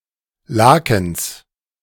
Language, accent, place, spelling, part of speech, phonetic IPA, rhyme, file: German, Germany, Berlin, Lakens, noun, [ˈlaːkn̩s], -aːkn̩s, De-Lakens.ogg
- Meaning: genitive singular of Laken